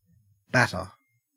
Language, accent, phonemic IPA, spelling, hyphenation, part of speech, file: English, Australia, /ˈbætə/, batter, bat‧ter, verb / noun, En-au-batter.ogg
- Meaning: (verb) 1. To hit or strike violently and repeatedly 2. To coat with batter (the food ingredient) 3. To defeat soundly; to thrash 4. To intoxicate